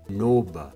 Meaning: today
- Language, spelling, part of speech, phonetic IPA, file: Kabardian, нобэ, adverb, [noːba], Noba.ogg